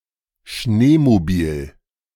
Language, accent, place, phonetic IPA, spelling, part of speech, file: German, Germany, Berlin, [ˈʃneːmoˌbiːl], Schneemobil, noun, De-Schneemobil.ogg
- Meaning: snowmobile